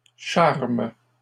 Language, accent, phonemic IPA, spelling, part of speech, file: French, Canada, /ʃaʁm/, charment, verb, LL-Q150 (fra)-charment.wav
- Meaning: third-person plural present indicative/subjunctive of charmer